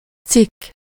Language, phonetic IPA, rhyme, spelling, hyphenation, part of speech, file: Hungarian, [ˈt͡sikː], -ikː, cikk, cikk, noun, Hu-cikk.ogg
- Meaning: 1. article (in a newspaper) 2. article, entry (in a dictionary) 3. article, item, commodity (goods) 4. section, part, slice, clove 5. article, clause, paragraph, section 6. sector